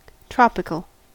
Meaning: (adjective) 1. Of or pertaining to the tropics, the equatorial region between 23 degrees north and 23 degrees south 2. From, or similar to, a hot, humid climate
- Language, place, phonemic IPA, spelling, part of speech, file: English, California, /ˈtɹoʊ.pɪ.kəl/, tropical, adjective / noun, En-us-tropical.ogg